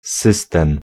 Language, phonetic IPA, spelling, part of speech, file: Polish, [ˈsɨstɛ̃m], system, noun, Pl-system.ogg